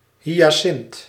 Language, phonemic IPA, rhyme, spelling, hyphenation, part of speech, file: Dutch, /ˌɦi.aːˈsɪnt/, -ɪnt, hyacint, hy‧a‧cint, noun, Nl-hyacint.ogg
- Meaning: hyacinth (plant of the genus Hyacinthus)